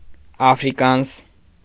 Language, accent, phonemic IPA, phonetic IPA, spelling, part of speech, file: Armenian, Eastern Armenian, /ɑfɾiˈkɑns/, [ɑfɾikɑ́ns], աֆրիկանս, noun, Hy-աֆրիկանս.ogg
- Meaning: Afrikaans (language)